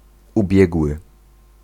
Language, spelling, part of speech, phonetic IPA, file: Polish, ubiegły, adjective / verb, [uˈbʲjɛɡwɨ], Pl-ubiegły.ogg